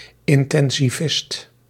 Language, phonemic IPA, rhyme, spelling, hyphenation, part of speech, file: Dutch, /ˌɪn.tɛn.ziˈvɪst/, -ɪst, intensivist, in‧ten‧si‧vist, noun, Nl-intensivist.ogg
- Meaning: an intensivist, an intensive-care doctor